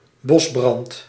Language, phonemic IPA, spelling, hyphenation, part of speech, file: Dutch, /ˈbɔs.brɑnt/, bosbrand, bos‧brand, noun, Nl-bosbrand.ogg
- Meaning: forest fire